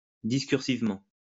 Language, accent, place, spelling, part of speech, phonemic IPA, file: French, France, Lyon, discursivement, adverb, /dis.kyʁ.siv.mɑ̃/, LL-Q150 (fra)-discursivement.wav
- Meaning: discursively